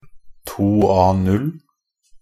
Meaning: A standard paper size, defined by ISO 216
- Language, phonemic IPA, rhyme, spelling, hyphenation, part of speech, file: Norwegian Bokmål, /ˈtuː.ɑː.nʉl/, -ʉl, 2A0, 2‧A‧0, noun, NB - Pronunciation of Norwegian Bokmål «2A0».ogg